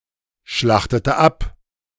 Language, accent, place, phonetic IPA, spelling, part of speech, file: German, Germany, Berlin, [ˌʃlaxtətə ˈap], schlachtete ab, verb, De-schlachtete ab.ogg
- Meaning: inflection of abschlachten: 1. first/third-person singular preterite 2. first/third-person singular subjunctive II